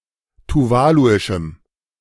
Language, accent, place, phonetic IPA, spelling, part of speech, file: German, Germany, Berlin, [tuˈvaːluɪʃm̩], tuvaluischem, adjective, De-tuvaluischem.ogg
- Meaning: strong dative masculine/neuter singular of tuvaluisch